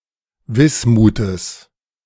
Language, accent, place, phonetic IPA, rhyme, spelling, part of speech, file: German, Germany, Berlin, [ˈvɪsmuːtəs], -ɪsmuːtəs, Wismutes, noun, De-Wismutes.ogg
- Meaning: genitive singular of Wismut